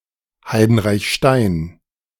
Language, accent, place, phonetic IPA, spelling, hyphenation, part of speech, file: German, Germany, Berlin, [haɪ̯dn̩ʁaɪ̯çˈʃtaɪ̯n], Heidenreichstein, Hei‧den‧reich‧stein, proper noun, De-Heidenreichstein.ogg
- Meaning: a municipality of Lower Austria, Austria